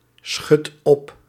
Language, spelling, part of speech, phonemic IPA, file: Dutch, schudt op, verb, /ˈsxʏt ˈɔp/, Nl-schudt op.ogg
- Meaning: inflection of opschudden: 1. second/third-person singular present indicative 2. plural imperative